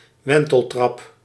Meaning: 1. spiral staircase 2. wentletrap (mollusc of the family Epitoniidae)
- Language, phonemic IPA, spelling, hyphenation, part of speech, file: Dutch, /ˈʋɛn.təlˌtrɑp/, wenteltrap, wen‧tel‧trap, noun, Nl-wenteltrap.ogg